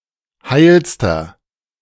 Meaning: inflection of heil: 1. strong/mixed nominative masculine singular superlative degree 2. strong genitive/dative feminine singular superlative degree 3. strong genitive plural superlative degree
- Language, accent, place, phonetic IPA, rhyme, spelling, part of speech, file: German, Germany, Berlin, [ˈhaɪ̯lstɐ], -aɪ̯lstɐ, heilster, adjective, De-heilster.ogg